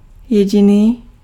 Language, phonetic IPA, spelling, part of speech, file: Czech, [ˈjɛɟɪniː], jediný, adjective, Cs-jediný.ogg
- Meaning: only, sole